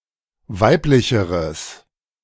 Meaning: strong/mixed nominative/accusative neuter singular comparative degree of weiblich
- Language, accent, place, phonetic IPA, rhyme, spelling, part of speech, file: German, Germany, Berlin, [ˈvaɪ̯plɪçəʁəs], -aɪ̯plɪçəʁəs, weiblicheres, adjective, De-weiblicheres.ogg